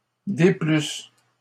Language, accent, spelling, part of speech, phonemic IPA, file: French, Canada, déplussent, verb, /de.plys/, LL-Q150 (fra)-déplussent.wav
- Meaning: third-person plural imperfect subjunctive of déplaire